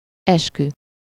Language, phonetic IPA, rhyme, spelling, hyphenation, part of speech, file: Hungarian, [ˈɛʃky], -ky, eskü, es‧kü, noun, Hu-eskü.ogg
- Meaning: oath